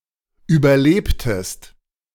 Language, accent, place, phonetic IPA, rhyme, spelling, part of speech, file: German, Germany, Berlin, [ˌyːbɐˈleːptəst], -eːptəst, überlebtest, verb, De-überlebtest.ogg
- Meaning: inflection of überleben: 1. second-person singular preterite 2. second-person singular subjunctive II